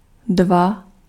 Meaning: two
- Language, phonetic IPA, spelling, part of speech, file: Czech, [ˈdva], dva, numeral, Cs-dva.ogg